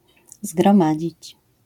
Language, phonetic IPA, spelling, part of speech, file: Polish, [zɡrɔ̃ˈmad͡ʑit͡ɕ], zgromadzić, verb, LL-Q809 (pol)-zgromadzić.wav